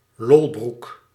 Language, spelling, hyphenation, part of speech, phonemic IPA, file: Dutch, lolbroek, lol‧broek, noun, /ˈlɔl.bruk/, Nl-lolbroek.ogg
- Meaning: a joker, one who makes jokes